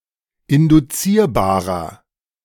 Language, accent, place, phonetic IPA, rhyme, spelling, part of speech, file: German, Germany, Berlin, [ɪndʊˈt͡siːɐ̯baːʁɐ], -iːɐ̯baːʁɐ, induzierbarer, adjective, De-induzierbarer.ogg
- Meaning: 1. comparative degree of induzierbar 2. inflection of induzierbar: strong/mixed nominative masculine singular 3. inflection of induzierbar: strong genitive/dative feminine singular